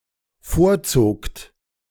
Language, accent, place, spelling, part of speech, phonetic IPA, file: German, Germany, Berlin, vorzogt, verb, [ˈfoːɐ̯ˌt͡soːkt], De-vorzogt.ogg
- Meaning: second-person plural dependent preterite of vorziehen